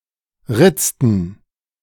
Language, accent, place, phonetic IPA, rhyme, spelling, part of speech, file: German, Germany, Berlin, [ˈʁɪt͡stn̩], -ɪt͡stn̩, ritzten, verb, De-ritzten.ogg
- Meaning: inflection of ritzen: 1. first/third-person plural preterite 2. first/third-person plural subjunctive II